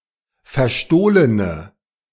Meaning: inflection of verstohlen: 1. strong/mixed nominative/accusative feminine singular 2. strong nominative/accusative plural 3. weak nominative all-gender singular
- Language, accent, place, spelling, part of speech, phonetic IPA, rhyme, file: German, Germany, Berlin, verstohlene, adjective, [fɛɐ̯ˈʃtoːlənə], -oːlənə, De-verstohlene.ogg